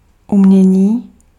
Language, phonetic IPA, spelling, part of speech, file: Czech, [ˈumɲɛɲiː], umění, noun, Cs-umění.ogg
- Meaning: 1. verbal noun of umět 2. art